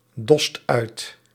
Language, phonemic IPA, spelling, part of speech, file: Dutch, /ˈdɔst ˈœyt/, dost uit, verb, Nl-dost uit.ogg
- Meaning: inflection of uitdossen: 1. second/third-person singular present indicative 2. plural imperative